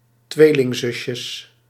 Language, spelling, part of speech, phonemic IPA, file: Dutch, tweelingzusje, noun, /ˈtwelɪŋˌzʏʃə/, Nl-tweelingzusje.ogg
- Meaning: diminutive of tweelingzus